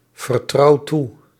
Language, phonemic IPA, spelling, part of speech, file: Dutch, /vərˈtrɑu ˈtu/, vertrouw toe, verb, Nl-vertrouw toe.ogg
- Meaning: inflection of toevertrouwen: 1. first-person singular present indicative 2. second-person singular present indicative 3. imperative